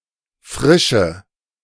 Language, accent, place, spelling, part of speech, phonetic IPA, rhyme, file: German, Germany, Berlin, frische, adjective / verb, [ˈfʁɪʃə], -ɪʃə, De-frische.ogg
- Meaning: inflection of frisch: 1. strong/mixed nominative/accusative feminine singular 2. strong nominative/accusative plural 3. weak nominative all-gender singular 4. weak accusative feminine/neuter singular